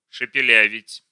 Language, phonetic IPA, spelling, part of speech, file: Russian, [ʂɨpʲɪˈlʲævʲɪtʲ], шепелявить, verb, Ru-шепелявить.ogg
- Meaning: to lisp, e.g. to mispronounce sibilants [s] and